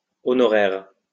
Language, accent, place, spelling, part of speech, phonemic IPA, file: French, France, Lyon, honoraires, noun / adjective, /ɔ.nɔ.ʁɛʁ/, LL-Q150 (fra)-honoraires.wav
- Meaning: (noun) honorarium; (adjective) plural of honoraire